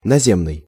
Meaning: land, ground, surface
- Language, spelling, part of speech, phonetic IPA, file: Russian, наземный, adjective, [nɐˈzʲemnɨj], Ru-наземный.ogg